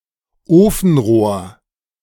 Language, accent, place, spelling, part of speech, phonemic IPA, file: German, Germany, Berlin, Ofenrohr, noun, /ˈoːfn̩ˌʁoːɐ̯/, De-Ofenrohr.ogg
- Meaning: 1. stovepipe 2. bazooka